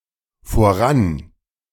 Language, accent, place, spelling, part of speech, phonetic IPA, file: German, Germany, Berlin, voran-, prefix, [foˈʁan], De-voran-.ogg
- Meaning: A prefix meaning "ahead"